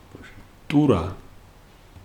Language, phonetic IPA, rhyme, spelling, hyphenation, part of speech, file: Georgian, [tʼuɾä], -uɾä, ტურა, ტუ‧რა, noun, Ka-ტურა.ogg
- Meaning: jackal (mammal), Canis aureus